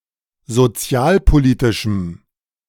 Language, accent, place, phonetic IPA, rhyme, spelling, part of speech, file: German, Germany, Berlin, [zoˈt͡si̯aːlpoˌliːtɪʃm̩], -aːlpoliːtɪʃm̩, sozialpolitischem, adjective, De-sozialpolitischem.ogg
- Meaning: strong dative masculine/neuter singular of sozialpolitisch